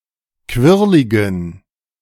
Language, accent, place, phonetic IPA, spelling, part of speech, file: German, Germany, Berlin, [ˈkvɪʁlɪɡn̩], quirligen, adjective, De-quirligen.ogg
- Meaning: inflection of quirlig: 1. strong genitive masculine/neuter singular 2. weak/mixed genitive/dative all-gender singular 3. strong/weak/mixed accusative masculine singular 4. strong dative plural